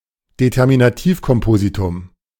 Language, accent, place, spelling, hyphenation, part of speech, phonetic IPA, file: German, Germany, Berlin, Determinativkompositum, De‧ter‧mi‧na‧tiv‧kom‧po‧si‧tum, noun, [detɛʁminaˈtiːfkɔmˌpoːzitʊm], De-Determinativkompositum.ogg
- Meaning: endocentric compound